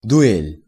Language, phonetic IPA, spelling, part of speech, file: Russian, [dʊˈɛlʲ], дуэль, noun, Ru-дуэль.ogg
- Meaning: duel (combat between two persons, often over a matter of honor)